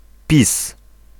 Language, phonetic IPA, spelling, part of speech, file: Polish, [pʲis], PiS, abbreviation, Pl-PiS.ogg